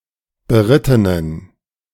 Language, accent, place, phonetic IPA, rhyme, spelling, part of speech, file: German, Germany, Berlin, [bəˈʁɪtənən], -ɪtənən, berittenen, adjective, De-berittenen.ogg
- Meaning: inflection of beritten: 1. strong genitive masculine/neuter singular 2. weak/mixed genitive/dative all-gender singular 3. strong/weak/mixed accusative masculine singular 4. strong dative plural